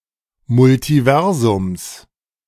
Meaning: genitive of Multiversum
- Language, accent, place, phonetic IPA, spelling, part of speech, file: German, Germany, Berlin, [mʊltiˈvɛʁzʊms], Multiversums, noun, De-Multiversums.ogg